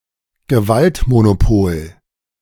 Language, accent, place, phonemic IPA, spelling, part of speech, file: German, Germany, Berlin, /ɡəˈvaltmonoˌpoːl/, Gewaltmonopol, noun, De-Gewaltmonopol.ogg
- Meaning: monopoly on violence